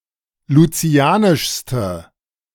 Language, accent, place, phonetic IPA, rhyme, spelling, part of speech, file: German, Germany, Berlin, [luˈt͡si̯aːnɪʃstə], -aːnɪʃstə, lucianischste, adjective, De-lucianischste.ogg
- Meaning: inflection of lucianisch: 1. strong/mixed nominative/accusative feminine singular superlative degree 2. strong nominative/accusative plural superlative degree